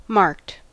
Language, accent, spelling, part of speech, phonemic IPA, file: English, US, marked, adjective / verb, /mɑɹkt/, En-us-marked.ogg
- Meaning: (adjective) 1. Having a visible or identifying mark 2. Having a visible or identifying mark.: Having a secret mark on the back for cheating 3. Clearly evident; noticeable; conspicuous